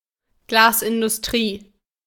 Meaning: glass industry
- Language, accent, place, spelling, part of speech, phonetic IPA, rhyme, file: German, Germany, Berlin, Glasindustrie, noun, [ˈɡlaːsʔɪndʊsˌtʁiː], -aːsʔɪndʊstʁiː, De-Glasindustrie.ogg